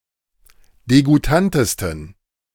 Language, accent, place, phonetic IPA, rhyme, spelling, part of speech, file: German, Germany, Berlin, [deɡuˈtantəstn̩], -antəstn̩, degoutantesten, adjective, De-degoutantesten.ogg
- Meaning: 1. superlative degree of degoutant 2. inflection of degoutant: strong genitive masculine/neuter singular superlative degree